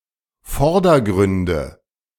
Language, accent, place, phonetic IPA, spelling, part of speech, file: German, Germany, Berlin, [ˈfɔʁdɐˌɡʁʏndə], Vordergründe, noun, De-Vordergründe.ogg
- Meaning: nominative/accusative/genitive plural of Vordergrund